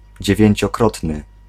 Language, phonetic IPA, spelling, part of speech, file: Polish, [ˌd͡ʑɛvʲjɛ̇̃ɲt͡ɕɔˈkrɔtnɨ], dziewięciokrotny, adjective, Pl-dziewięciokrotny.ogg